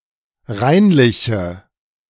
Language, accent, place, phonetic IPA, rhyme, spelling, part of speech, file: German, Germany, Berlin, [ˈʁaɪ̯nlɪçə], -aɪ̯nlɪçə, reinliche, adjective, De-reinliche.ogg
- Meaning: inflection of reinlich: 1. strong/mixed nominative/accusative feminine singular 2. strong nominative/accusative plural 3. weak nominative all-gender singular